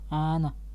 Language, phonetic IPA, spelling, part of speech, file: Latvian, [ǣːna], ēna, noun, Lv-ēna.ogg
- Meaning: 1. shadow (dark image produced by blocking light) 2. shade (place where sunlight does not fall) 3. dark area or spot; dark object 4. facial expression reflecting an unpleasant feeling